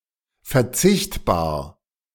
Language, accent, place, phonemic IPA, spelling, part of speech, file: German, Germany, Berlin, /fɛɐ̯ˈt͡sɪçtbaːɐ̯/, verzichtbar, adjective, De-verzichtbar.ogg
- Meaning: dispensable, expendable